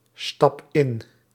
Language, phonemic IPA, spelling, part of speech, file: Dutch, /ˈstɑp ˈɪn/, stap in, verb, Nl-stap in.ogg
- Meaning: inflection of instappen: 1. first-person singular present indicative 2. second-person singular present indicative 3. imperative